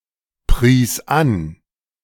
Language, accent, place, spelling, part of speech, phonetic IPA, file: German, Germany, Berlin, pries an, verb, [ˌpʁiːs ˈan], De-pries an.ogg
- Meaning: first/third-person singular preterite of anpreisen